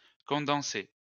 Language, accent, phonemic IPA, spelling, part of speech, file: French, France, /kɔ̃.dɑ̃.se/, condensé, verb / adjective, LL-Q150 (fra)-condensé.wav
- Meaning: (verb) past participle of condenser; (adjective) condensed